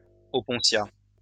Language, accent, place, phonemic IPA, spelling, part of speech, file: French, France, Lyon, /ɔ.pɔ̃.sja/, opuntia, noun, LL-Q150 (fra)-opuntia.wav
- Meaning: opuntia (flower)